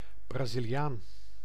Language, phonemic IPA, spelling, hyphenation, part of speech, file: Dutch, /ˌbraː.zi.liˈaːn/, Braziliaan, Bra‧zi‧li‧aan, noun, Nl-Braziliaan.ogg
- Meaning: someone from Brazil; Brazilian